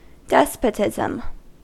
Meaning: Government by a despot or despots: rule by a singular authority, either a single person or a tight-knit group, which rules with absolute power, especially in a cruel and oppressive way
- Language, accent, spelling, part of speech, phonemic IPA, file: English, US, despotism, noun, /ˈdɛspətɪzəm/, En-us-despotism.ogg